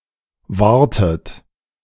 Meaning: inflection of wahren: 1. second-person plural preterite 2. second-person plural subjunctive II
- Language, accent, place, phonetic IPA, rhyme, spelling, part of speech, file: German, Germany, Berlin, [ˈvaːɐ̯tət], -aːɐ̯tət, wahrtet, verb, De-wahrtet.ogg